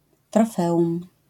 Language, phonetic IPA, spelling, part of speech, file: Polish, [trɔˈfɛʷũm], trofeum, noun, LL-Q809 (pol)-trofeum.wav